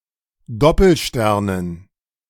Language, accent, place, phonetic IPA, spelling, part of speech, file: German, Germany, Berlin, [ˈdɔpl̩ˌʃtɛʁnən], Doppelsternen, noun, De-Doppelsternen.ogg
- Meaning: dative plural of Doppelstern